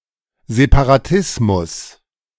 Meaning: separatism
- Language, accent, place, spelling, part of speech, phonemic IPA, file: German, Germany, Berlin, Separatismus, noun, /zepaʁaˈtɪsmʊs/, De-Separatismus.ogg